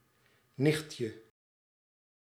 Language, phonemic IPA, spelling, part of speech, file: Dutch, /ˈnɪxtjə/, nichtje, noun, Nl-nichtje.ogg
- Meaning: diminutive of nicht